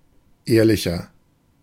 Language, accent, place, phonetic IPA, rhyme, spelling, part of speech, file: German, Germany, Berlin, [ˈeːɐ̯lɪçɐ], -eːɐ̯lɪçɐ, ehrlicher, adjective, De-ehrlicher.ogg
- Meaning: 1. comparative degree of ehrlich 2. inflection of ehrlich: strong/mixed nominative masculine singular 3. inflection of ehrlich: strong genitive/dative feminine singular